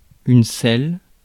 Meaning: 1. saddle (for riding) 2. commode (chair containing a chamber pot) 3. excrement (human or animal)
- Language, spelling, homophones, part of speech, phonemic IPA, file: French, selle, celle / celles / scelle / scelles / scellent / sel / sellent / selles / sels, noun, /sɛl/, Fr-selle.ogg